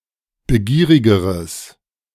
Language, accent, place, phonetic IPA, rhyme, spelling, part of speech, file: German, Germany, Berlin, [bəˈɡiːʁɪɡəʁəs], -iːʁɪɡəʁəs, begierigeres, adjective, De-begierigeres.ogg
- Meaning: strong/mixed nominative/accusative neuter singular comparative degree of begierig